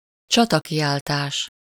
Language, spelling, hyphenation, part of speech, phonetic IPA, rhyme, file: Hungarian, csatakiáltás, csa‧ta‧ki‧ál‧tás, noun, [ˈt͡ʃɒtɒkijaːltaːʃ], -aːʃ, Hu-csatakiáltás.ogg
- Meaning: battle cry, war cry